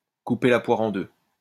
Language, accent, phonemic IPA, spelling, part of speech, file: French, France, /ku.pe la pwa.ʁ‿ɑ̃ dø/, couper la poire en deux, verb, LL-Q150 (fra)-couper la poire en deux.wav
- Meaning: to split the difference, to meet halfway